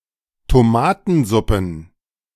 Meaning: plural of Tomatensuppe
- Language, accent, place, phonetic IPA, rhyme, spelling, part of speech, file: German, Germany, Berlin, [toˈmaːtn̩ˌzʊpn̩], -aːtn̩zʊpn̩, Tomatensuppen, noun, De-Tomatensuppen.ogg